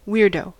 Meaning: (noun) 1. A strange, odd, eccentric person 2. An insane, possibly dangerous person; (adjective) Weird
- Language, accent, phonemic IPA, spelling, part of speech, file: English, US, /ˈwiɹ.doʊ/, weirdo, noun / adjective, En-us-weirdo.ogg